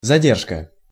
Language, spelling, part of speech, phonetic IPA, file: Russian, задержка, noun, [zɐˈdʲerʂkə], Ru-задержка.ogg
- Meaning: 1. detention, stoppage 2. delay, retardation